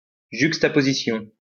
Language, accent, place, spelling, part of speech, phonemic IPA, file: French, France, Lyon, juxtaposition, noun, /ʒyk.sta.po.zi.sjɔ̃/, LL-Q150 (fra)-juxtaposition.wav
- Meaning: juxtaposition